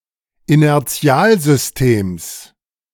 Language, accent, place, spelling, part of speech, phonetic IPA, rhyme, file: German, Germany, Berlin, Inertialsystems, noun, [inɛʁˈt͡si̯aːlzʏsˌteːms], -aːlzʏsteːms, De-Inertialsystems.ogg
- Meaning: genitive singular of Inertialsystem